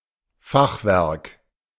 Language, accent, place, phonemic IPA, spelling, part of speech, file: German, Germany, Berlin, /ˈfaxˌvɛʁk/, Fachwerk, noun, De-Fachwerk.ogg
- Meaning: 1. truss 2. half-timbering